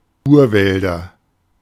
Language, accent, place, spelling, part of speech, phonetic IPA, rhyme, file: German, Germany, Berlin, Urwälder, noun, [ˈuːɐ̯ˌvɛldɐ], -uːɐ̯vɛldɐ, De-Urwälder.ogg
- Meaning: nominative/accusative/genitive plural of Urwald